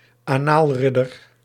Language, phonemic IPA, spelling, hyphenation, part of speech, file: Dutch, /aːˈnaːlˌrɪ.dər/, anaalridder, anaal‧rid‧der, noun, Nl-anaalridder.ogg
- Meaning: Pejorative term for a male homosexual